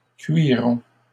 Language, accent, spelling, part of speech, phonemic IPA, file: French, Canada, cuiront, verb, /kɥi.ʁɔ̃/, LL-Q150 (fra)-cuiront.wav
- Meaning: third-person plural future of cuire